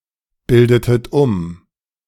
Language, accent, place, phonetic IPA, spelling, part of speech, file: German, Germany, Berlin, [ˌbɪldətət ˈʊm], bildetet um, verb, De-bildetet um.ogg
- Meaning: inflection of umbilden: 1. second-person plural preterite 2. second-person plural subjunctive II